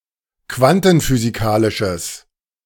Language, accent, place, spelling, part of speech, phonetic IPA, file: German, Germany, Berlin, quantenphysikalisches, adjective, [ˈkvantn̩fyːziˌkaːlɪʃəs], De-quantenphysikalisches.ogg
- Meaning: strong/mixed nominative/accusative neuter singular of quantenphysikalisch